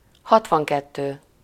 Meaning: sixty-two
- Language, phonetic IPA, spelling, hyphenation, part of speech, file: Hungarian, [ˈhɒtvɒŋkɛtːøː], hatvankettő, hat‧van‧ket‧tő, numeral, Hu-hatvankettő.ogg